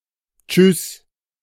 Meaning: bye, cheers, ciao
- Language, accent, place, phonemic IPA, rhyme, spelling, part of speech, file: German, Germany, Berlin, /t͡ʃʏs/, -ʏs, tschüss, interjection, De-tschüss.ogg